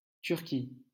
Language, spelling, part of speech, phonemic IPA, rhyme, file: French, Turquie, proper noun, /tyʁ.ki/, -i, LL-Q150 (fra)-Turquie.wav
- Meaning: Turkey (a country located in Eastern Thrace in Southeastern Europe and Anatolia in West Asia)